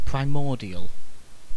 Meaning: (adjective) 1. First, earliest or original 2. Characteristic of the earliest stage of the development of an organism, or relating to a primordium 3. Primeval
- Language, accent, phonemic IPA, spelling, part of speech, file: English, UK, /pɹaɪˈmɔː.di.əl/, primordial, adjective / noun, En-uk-primordial.ogg